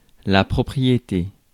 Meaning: 1. property (something owned) 2. property, attribute
- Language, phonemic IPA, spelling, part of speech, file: French, /pʁɔ.pʁi.je.te/, propriété, noun, Fr-propriété.ogg